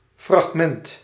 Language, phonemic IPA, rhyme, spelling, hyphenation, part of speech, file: Dutch, /frɑxˈmɛnt/, -ɛnt, fragment, frag‧ment, noun, Nl-fragment.ogg
- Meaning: 1. a fragment, broken portion 2. a fragment, part of a work (whether due to selection or incompleteness)